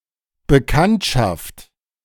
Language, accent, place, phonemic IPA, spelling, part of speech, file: German, Germany, Berlin, /bəˈkantʃaft/, Bekanntschaft, noun, De-Bekanntschaft.ogg
- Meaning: acquaintance